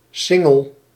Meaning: 1. a body of water surrounding the inner portion of a city or a village 2. a band passed under the belly of an animal, which holds a saddle in place; bellyband; girth
- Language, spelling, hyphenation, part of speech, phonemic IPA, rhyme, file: Dutch, singel, sin‧gel, noun, /ˈsɪ.ŋəl/, -ɪŋəl, Nl-singel.ogg